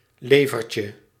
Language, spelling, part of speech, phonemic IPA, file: Dutch, levertje, noun, /ˈlevərcə/, Nl-levertje.ogg
- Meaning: diminutive of lever